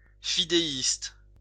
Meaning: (adjective) fideistic; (noun) fideist
- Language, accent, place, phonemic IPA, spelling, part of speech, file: French, France, Lyon, /fi.de.ist/, fidéiste, adjective / noun, LL-Q150 (fra)-fidéiste.wav